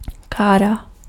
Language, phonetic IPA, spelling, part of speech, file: Czech, [ˈkaːra], kára, noun, Cs-kára.ogg
- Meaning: 1. cart 2. car, automobile